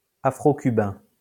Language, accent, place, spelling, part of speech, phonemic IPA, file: French, France, Lyon, afro-cubain, adjective, /a.fʁo.ky.bɛ̃/, LL-Q150 (fra)-afro-cubain.wav
- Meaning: Afro-Cuban